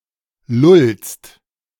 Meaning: second-person singular present of lullen
- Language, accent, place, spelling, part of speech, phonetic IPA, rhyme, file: German, Germany, Berlin, lullst, verb, [lʊlst], -ʊlst, De-lullst.ogg